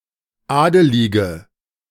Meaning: inflection of adelig: 1. strong/mixed nominative/accusative feminine singular 2. strong nominative/accusative plural 3. weak nominative all-gender singular 4. weak accusative feminine/neuter singular
- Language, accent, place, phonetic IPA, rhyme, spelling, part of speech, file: German, Germany, Berlin, [ˈaːdəlɪɡə], -aːdəlɪɡə, adelige, adjective, De-adelige.ogg